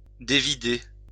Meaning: 1. to put (string) into a ball 2. to unwind, spool, reel 3. to recount, to reel off (a story)
- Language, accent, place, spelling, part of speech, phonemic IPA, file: French, France, Lyon, dévider, verb, /de.vi.de/, LL-Q150 (fra)-dévider.wav